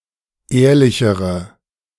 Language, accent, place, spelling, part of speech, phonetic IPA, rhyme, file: German, Germany, Berlin, ehrlichere, adjective, [ˈeːɐ̯lɪçəʁə], -eːɐ̯lɪçəʁə, De-ehrlichere.ogg
- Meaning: inflection of ehrlich: 1. strong/mixed nominative/accusative feminine singular comparative degree 2. strong nominative/accusative plural comparative degree